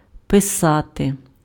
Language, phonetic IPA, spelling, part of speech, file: Ukrainian, [peˈsate], писати, verb, Uk-писати.ogg
- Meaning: 1. to write 2. to send written information to, to notify, to text 3. to create text in written form 4. to be the author (of a book, article, poem, etc.) 5. to draw (an art piece)